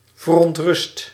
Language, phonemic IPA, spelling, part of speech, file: Dutch, /vərɔntˈrʏst/, verontrust, adjective / verb, Nl-verontrust.ogg
- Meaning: 1. inflection of verontrusten: first/second/third-person singular present indicative 2. inflection of verontrusten: imperative 3. past participle of verontrusten